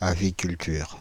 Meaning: aviculture
- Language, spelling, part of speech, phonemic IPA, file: French, aviculture, noun, /a.vi.kyl.tyʁ/, Fr-aviculture.ogg